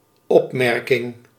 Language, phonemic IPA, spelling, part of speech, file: Dutch, /ˈɔpmɛrkɪŋ/, opmerking, noun, Nl-opmerking.ogg
- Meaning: remark, observation